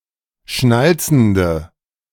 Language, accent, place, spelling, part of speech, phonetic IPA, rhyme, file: German, Germany, Berlin, schnalzende, adjective, [ˈʃnalt͡sn̩də], -alt͡sn̩də, De-schnalzende.ogg
- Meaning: inflection of schnalzend: 1. strong/mixed nominative/accusative feminine singular 2. strong nominative/accusative plural 3. weak nominative all-gender singular